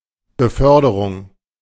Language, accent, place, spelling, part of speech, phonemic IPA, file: German, Germany, Berlin, Beförderung, noun, /bəˈfœrdərʊŋ/, De-Beförderung.ogg
- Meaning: 1. transportation 2. promotion